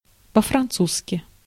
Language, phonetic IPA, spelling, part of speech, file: Russian, [pə‿frɐnˈt͡suskʲɪ], по-французски, adverb, Ru-по-французски.ogg
- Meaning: in French